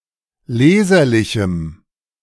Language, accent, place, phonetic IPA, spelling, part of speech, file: German, Germany, Berlin, [ˈleːzɐlɪçm̩], leserlichem, adjective, De-leserlichem.ogg
- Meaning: strong dative masculine/neuter singular of leserlich